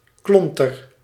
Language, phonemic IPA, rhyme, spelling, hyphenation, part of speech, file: Dutch, /ˈklɔn.tər/, -ɔntər, klonter, klon‧ter, noun, Nl-klonter.ogg
- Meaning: synonym of klont (“lump”)